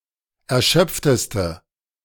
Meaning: inflection of erschöpft: 1. strong/mixed nominative/accusative feminine singular superlative degree 2. strong nominative/accusative plural superlative degree
- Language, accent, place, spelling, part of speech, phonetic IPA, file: German, Germany, Berlin, erschöpfteste, adjective, [ɛɐ̯ˈʃœp͡ftəstə], De-erschöpfteste.ogg